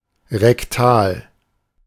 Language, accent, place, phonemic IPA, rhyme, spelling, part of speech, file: German, Germany, Berlin, /ʁɛkˈtaːl/, -aːl, rektal, adjective, De-rektal.ogg
- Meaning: of the rectum; rectal (of -, via - or related to the rectum)